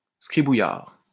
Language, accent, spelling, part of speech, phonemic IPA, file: French, France, scribouillard, noun, /skʁi.bu.jaʁ/, LL-Q150 (fra)-scribouillard.wav
- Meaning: pen-pusher